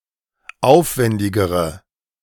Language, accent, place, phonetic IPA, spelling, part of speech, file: German, Germany, Berlin, [ˈaʊ̯fˌvɛndɪɡəʁə], aufwendigere, adjective, De-aufwendigere.ogg
- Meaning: inflection of aufwendig: 1. strong/mixed nominative/accusative feminine singular comparative degree 2. strong nominative/accusative plural comparative degree